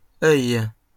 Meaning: plural of œil (eye of a needle)
- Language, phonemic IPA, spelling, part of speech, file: French, /œj/, œils, noun, LL-Q150 (fra)-œils.wav